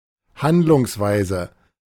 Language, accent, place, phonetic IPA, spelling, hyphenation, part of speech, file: German, Germany, Berlin, [ˈhandlʊŋsˌvaɪ̯zə], Handlungsweise, Hand‧lungs‧wei‧se, noun, De-Handlungsweise.ogg
- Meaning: course of action